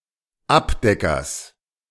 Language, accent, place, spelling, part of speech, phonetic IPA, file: German, Germany, Berlin, Abdeckers, noun, [ˈapˌdɛkɐs], De-Abdeckers.ogg
- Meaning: genitive singular of Abdecker